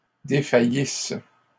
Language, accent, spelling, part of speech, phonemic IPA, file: French, Canada, défaillisses, verb, /de.fa.jis/, LL-Q150 (fra)-défaillisses.wav
- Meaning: second-person singular imperfect subjunctive of défaillir